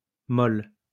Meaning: form of mou used in the masculine singular before a vowel sound
- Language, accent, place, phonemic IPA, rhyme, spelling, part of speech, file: French, France, Lyon, /mɔl/, -ɔl, mol, adjective, LL-Q150 (fra)-mol.wav